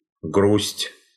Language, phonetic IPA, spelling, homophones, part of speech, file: Russian, [ɡrusʲtʲ], грусть, груздь, noun, Ru-грусть.ogg
- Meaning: sadness (state/emotion)